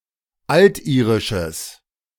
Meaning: strong/mixed nominative/accusative neuter singular of altirisch
- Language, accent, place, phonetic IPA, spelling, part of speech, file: German, Germany, Berlin, [ˈaltˌʔiːʁɪʃəs], altirisches, adjective, De-altirisches.ogg